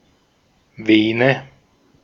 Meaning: vein
- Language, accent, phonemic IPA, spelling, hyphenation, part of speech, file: German, Austria, /ˈveːnə/, Vene, Ve‧ne, noun, De-at-Vene.ogg